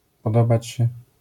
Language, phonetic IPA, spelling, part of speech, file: Polish, [pɔˈdɔbat͡ɕ‿ɕɛ], podobać się, verb, LL-Q809 (pol)-podobać się.wav